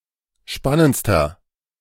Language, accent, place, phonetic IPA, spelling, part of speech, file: German, Germany, Berlin, [ˈʃpanənt͡stɐ], spannendster, adjective, De-spannendster.ogg
- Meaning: inflection of spannend: 1. strong/mixed nominative masculine singular superlative degree 2. strong genitive/dative feminine singular superlative degree 3. strong genitive plural superlative degree